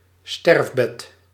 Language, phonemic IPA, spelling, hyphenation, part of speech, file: Dutch, /ˈstɛrf.bɛt/, sterfbed, sterf‧bed, noun, Nl-sterfbed.ogg
- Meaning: deathbed